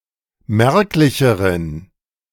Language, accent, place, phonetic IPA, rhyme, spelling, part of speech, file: German, Germany, Berlin, [ˈmɛʁklɪçəʁən], -ɛʁklɪçəʁən, merklicheren, adjective, De-merklicheren.ogg
- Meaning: inflection of merklich: 1. strong genitive masculine/neuter singular comparative degree 2. weak/mixed genitive/dative all-gender singular comparative degree